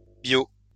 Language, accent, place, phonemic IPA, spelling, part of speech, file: French, France, Lyon, /bjo/, bio-, prefix, LL-Q150 (fra)-bio-.wav
- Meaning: life